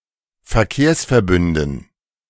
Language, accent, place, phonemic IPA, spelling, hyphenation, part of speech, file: German, Germany, Berlin, /fɛɐ̯ˈkeːɐ̯s.fɛɐ̯ˌbʏndn̩/, Verkehrsverbünden, Ver‧kehrs‧ver‧bün‧den, noun, De-Verkehrsverbünden.ogg
- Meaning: dative plural of Verkehrsverbund